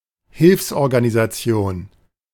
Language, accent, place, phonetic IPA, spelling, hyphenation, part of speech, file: German, Germany, Berlin, [ˈhɪlfsʔɔʁɡanizaˌt͡si̯oːn], Hilfsorganisation, Hilfs‧or‧ga‧ni‧sa‧ti‧on, noun, De-Hilfsorganisation.ogg
- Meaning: aid agency